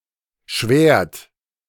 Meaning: inflection of schwären: 1. second-person plural present 2. third-person singular present 3. plural imperative
- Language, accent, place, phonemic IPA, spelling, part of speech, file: German, Germany, Berlin, /ʃvɛːrt/, schwärt, verb, De-schwärt.ogg